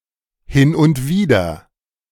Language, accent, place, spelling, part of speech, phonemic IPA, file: German, Germany, Berlin, hin und wieder, adverb, /hɪn ʔʊnt ˈviːdɐ/, De-hin und wieder.ogg
- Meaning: now and then